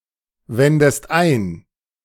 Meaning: inflection of einwenden: 1. second-person singular present 2. second-person singular subjunctive I
- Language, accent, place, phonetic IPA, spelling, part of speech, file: German, Germany, Berlin, [ˌvɛndəst ˈaɪ̯n], wendest ein, verb, De-wendest ein.ogg